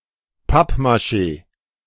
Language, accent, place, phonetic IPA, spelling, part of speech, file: German, Germany, Berlin, [ˈpapmaˌʃeː], Pappmaché, noun, De-Pappmaché.ogg
- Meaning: alternative spelling of Pappmaschee